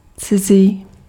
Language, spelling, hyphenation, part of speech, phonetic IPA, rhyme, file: Czech, cizí, ci‧zí, adjective, [ˈt͡sɪziː], -ɪziː, Cs-cizí.ogg
- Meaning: 1. strange, unfamiliar (not yet part of one's experience) 2. foreign